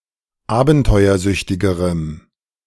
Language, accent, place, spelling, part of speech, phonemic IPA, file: German, Germany, Berlin, abenteuersüchtigerem, adjective, /ˈaːbn̩tɔɪ̯ɐˌzʏçtɪɡəʁəm/, De-abenteuersüchtigerem.ogg
- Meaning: strong dative masculine/neuter singular comparative degree of abenteuersüchtig